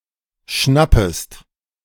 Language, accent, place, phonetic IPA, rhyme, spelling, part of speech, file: German, Germany, Berlin, [ˈʃnapəst], -apəst, schnappest, verb, De-schnappest.ogg
- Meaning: second-person singular subjunctive I of schnappen